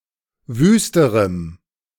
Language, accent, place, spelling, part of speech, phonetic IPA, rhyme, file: German, Germany, Berlin, wüsterem, adjective, [ˈvyːstəʁəm], -yːstəʁəm, De-wüsterem.ogg
- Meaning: strong dative masculine/neuter singular comparative degree of wüst